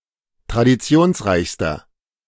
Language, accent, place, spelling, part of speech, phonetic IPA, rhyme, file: German, Germany, Berlin, traditionsreichster, adjective, [tʁadiˈt͡si̯oːnsˌʁaɪ̯çstɐ], -oːnsʁaɪ̯çstɐ, De-traditionsreichster.ogg
- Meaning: inflection of traditionsreich: 1. strong/mixed nominative masculine singular superlative degree 2. strong genitive/dative feminine singular superlative degree